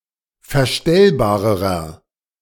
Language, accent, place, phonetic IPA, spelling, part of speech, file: German, Germany, Berlin, [fɛɐ̯ˈʃtɛlbaːʁəʁɐ], verstellbarerer, adjective, De-verstellbarerer.ogg
- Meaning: inflection of verstellbar: 1. strong/mixed nominative masculine singular comparative degree 2. strong genitive/dative feminine singular comparative degree 3. strong genitive plural comparative degree